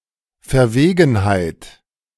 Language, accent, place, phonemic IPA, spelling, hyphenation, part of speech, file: German, Germany, Berlin, /fɛɐ̯ˈveːɡənˌhaɪ̯t/, Verwegenheit, Ver‧we‧gen‧heit, noun, De-Verwegenheit.ogg
- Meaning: dauntlessness, fearlessness, boldness, intrepidness, temerity, audacity